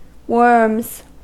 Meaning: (noun) plural of worm; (verb) third-person singular simple present indicative of worm
- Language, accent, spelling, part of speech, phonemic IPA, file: English, US, worms, noun / verb, /wɝmz/, En-us-worms.ogg